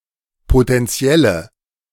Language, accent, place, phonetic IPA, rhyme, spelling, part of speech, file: German, Germany, Berlin, [potɛnˈt͡si̯ɛlə], -ɛlə, potentielle, adjective, De-potentielle.ogg
- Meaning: inflection of potentiell: 1. strong/mixed nominative/accusative feminine singular 2. strong nominative/accusative plural 3. weak nominative all-gender singular